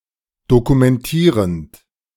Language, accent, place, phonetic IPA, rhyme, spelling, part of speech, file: German, Germany, Berlin, [dokumɛnˈtiːʁənt], -iːʁənt, dokumentierend, verb, De-dokumentierend.ogg
- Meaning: present participle of dokumentieren